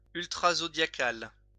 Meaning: zodiacal
- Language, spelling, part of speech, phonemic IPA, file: French, zodiacal, adjective, /zɔ.dja.kal/, LL-Q150 (fra)-zodiacal.wav